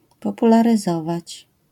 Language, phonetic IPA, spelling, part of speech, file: Polish, [ˌpɔpularɨˈzɔvat͡ɕ], popularyzować, verb, LL-Q809 (pol)-popularyzować.wav